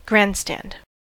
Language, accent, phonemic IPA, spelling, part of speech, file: English, US, /ˈɡɹæn(d)stænd/, grandstand, noun / verb, En-us-grandstand.ogg
- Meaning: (noun) 1. The seating area at a stadium or arena; the bleachers 2. The audience at a public event; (verb) To behave dramatically or showily to impress an audience or observers; to pander to a crowd